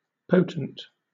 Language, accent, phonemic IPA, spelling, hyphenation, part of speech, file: English, Southern England, /ˈpəʊt(ə)nt/, potent, po‧tent, adjective / noun, LL-Q1860 (eng)-potent.wav
- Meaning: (adjective) 1. Powerful; possessing power; effective 2. Powerful; possessing power; effective.: Possessing authority or influence; persuasive, convincing